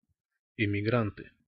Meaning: nominative plural of эмигра́нт (emigránt)
- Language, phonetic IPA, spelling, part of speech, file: Russian, [ɪmʲɪˈɡrantɨ], эмигранты, noun, Ru-эмигранты.ogg